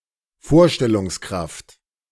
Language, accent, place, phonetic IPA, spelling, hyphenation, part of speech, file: German, Germany, Berlin, [ˈfoːɐ̯ʃtɛlʊŋsˌkʁaft], Vorstellungskraft, Vor‧stel‧lungs‧kraft, noun, De-Vorstellungskraft.ogg
- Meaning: imagination (image-making power of the mind)